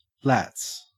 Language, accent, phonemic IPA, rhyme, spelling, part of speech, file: English, Australia, /læts/, -æts, lats, noun, En-au-lats.ogg
- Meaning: The latissimus dorsi muscles